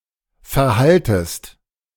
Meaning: second-person singular subjunctive I of verhalten
- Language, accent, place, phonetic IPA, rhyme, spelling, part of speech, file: German, Germany, Berlin, [fɛɐ̯ˈhaltəst], -altəst, verhaltest, verb, De-verhaltest.ogg